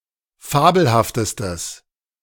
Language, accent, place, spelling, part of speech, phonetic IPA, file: German, Germany, Berlin, fabelhaftestes, adjective, [ˈfaːbl̩haftəstəs], De-fabelhaftestes.ogg
- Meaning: strong/mixed nominative/accusative neuter singular superlative degree of fabelhaft